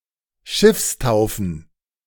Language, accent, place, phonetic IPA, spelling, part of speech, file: German, Germany, Berlin, [ˈʃɪfsˌtaʊ̯fn̩], Schiffstaufen, noun, De-Schiffstaufen.ogg
- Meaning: plural of Schiffstaufe